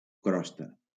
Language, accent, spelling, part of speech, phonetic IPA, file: Catalan, Valencia, crosta, noun, [ˈkɾɔs.ta], LL-Q7026 (cat)-crosta.wav
- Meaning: 1. crust (any hard surface layer; surface layer of most breads and pastries) 2. crust (outermost solid layer of a planet) 3. rind (hard surface layer of a cheese)